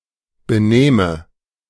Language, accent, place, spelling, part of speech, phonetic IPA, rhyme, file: German, Germany, Berlin, benähme, verb, [bəˈnɛːmə], -ɛːmə, De-benähme.ogg
- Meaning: first/third-person singular subjunctive II of benehmen